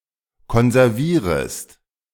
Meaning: second-person singular subjunctive I of konservieren
- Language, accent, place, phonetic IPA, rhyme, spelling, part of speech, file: German, Germany, Berlin, [kɔnzɛʁˈviːʁəst], -iːʁəst, konservierest, verb, De-konservierest.ogg